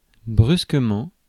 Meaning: 1. suddenly 2. sharply, jerkily 3. brusquely, abruptly, bluntly
- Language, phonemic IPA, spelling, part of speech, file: French, /bʁys.kə.mɑ̃/, brusquement, adverb, Fr-brusquement.ogg